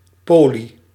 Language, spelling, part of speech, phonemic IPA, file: Dutch, poly-, prefix, /ˈpoli/, Nl-poly-.ogg
- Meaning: poly-